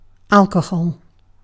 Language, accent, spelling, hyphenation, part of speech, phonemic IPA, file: English, UK, alcohol, al‧co‧hol, noun, /ˈæl.kə.hɒl/, En-uk-alcohol.ogg
- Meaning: 1. Any of a class of organic compounds (such as ethanol) containing a hydroxyl functional group (-OH) 2. Ethanol 3. Beverages containing ethanol, collectively 4. Any very fine powder